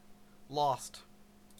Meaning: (verb) simple past and past participle of lose; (adjective) 1. Having wandered from, or unable to find, the way 2. In an unknown location; unable to be found
- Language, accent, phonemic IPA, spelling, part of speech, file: English, Canada, /lɒst/, lost, verb / adjective, En-ca-lost.ogg